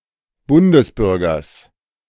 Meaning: genitive singular of Bundesbürger
- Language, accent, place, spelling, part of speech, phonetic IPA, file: German, Germany, Berlin, Bundesbürgers, noun, [ˈbʊndəsˌbʏʁɡɐs], De-Bundesbürgers.ogg